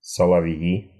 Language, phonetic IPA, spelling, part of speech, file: Russian, [səɫɐˈv⁽ʲ⁾ji], соловьи, noun, Ru-соловьи́.ogg
- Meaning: nominative plural of солове́й (solovéj)